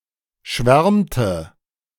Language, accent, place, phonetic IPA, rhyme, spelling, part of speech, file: German, Germany, Berlin, [ˈʃvɛʁmtə], -ɛʁmtə, schwärmte, verb, De-schwärmte.ogg
- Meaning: inflection of schwärmen: 1. first/third-person singular preterite 2. first/third-person singular subjunctive II